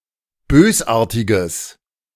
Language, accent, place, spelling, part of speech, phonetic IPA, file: German, Germany, Berlin, bösartiges, adjective, [ˈbøːsˌʔaːɐ̯tɪɡəs], De-bösartiges.ogg
- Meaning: strong/mixed nominative/accusative neuter singular of bösartig